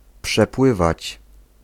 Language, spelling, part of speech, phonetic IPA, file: Polish, przepływać, verb, [pʃɛˈpwɨvat͡ɕ], Pl-przepływać.ogg